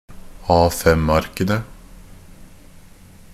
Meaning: definite plural of A5-ark
- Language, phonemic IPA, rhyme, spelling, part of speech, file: Norwegian Bokmål, /ˈɑːfɛmaɾkənə/, -ənə, A5-arkene, noun, NB - Pronunciation of Norwegian Bokmål «A5-arkene».ogg